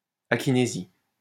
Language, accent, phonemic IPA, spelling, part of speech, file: French, France, /a.ki.ne.zi/, akinésie, noun, LL-Q150 (fra)-akinésie.wav
- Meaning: akinesia